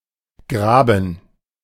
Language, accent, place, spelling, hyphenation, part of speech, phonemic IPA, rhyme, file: German, Germany, Berlin, Graben, Gra‧ben, noun, /ˈɡʁaːbn̩/, -aːbn̩, De-Graben.ogg
- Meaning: 1. ditch 2. trench 3. graben